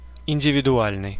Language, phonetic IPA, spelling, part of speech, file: Russian, [ɪnʲdʲɪvʲɪdʊˈalʲnɨj], индивидуальный, adjective, Ru-индивидуальный.ogg
- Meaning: individual (relating to a single person or thing)